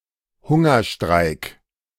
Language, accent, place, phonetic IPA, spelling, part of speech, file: German, Germany, Berlin, [ˈhʊŋɐˌʃtʁaɪ̯k], Hungerstreik, noun, De-Hungerstreik.ogg
- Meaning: hunger strike